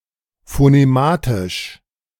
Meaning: phonematic
- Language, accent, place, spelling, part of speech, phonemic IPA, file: German, Germany, Berlin, phonematisch, adjective, /foneˈmaːtɪʃ/, De-phonematisch.ogg